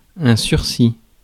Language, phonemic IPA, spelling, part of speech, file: French, /syʁ.si/, sursis, noun / verb, Fr-sursis.ogg
- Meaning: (noun) 1. reprieve, respite 2. extension (e.g. of a loan); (verb) 1. past participle of surseoir 2. first/second-person plural past historic of surseoir